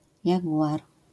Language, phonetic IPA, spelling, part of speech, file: Polish, [jaˈɡuʷar], jaguar, noun, LL-Q809 (pol)-jaguar.wav